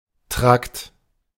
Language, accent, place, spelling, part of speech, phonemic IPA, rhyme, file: German, Germany, Berlin, Trakt, noun, /tʁakt/, -akt, De-Trakt.ogg
- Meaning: 1. tract (a series of connected body organs) 2. wing, block (of a building)